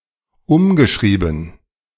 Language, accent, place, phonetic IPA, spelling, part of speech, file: German, Germany, Berlin, [ˈʊmɡəˌʃʁiːbn̩], umgeschrieben, verb, De-umgeschrieben.ogg
- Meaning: past participle of umschreiben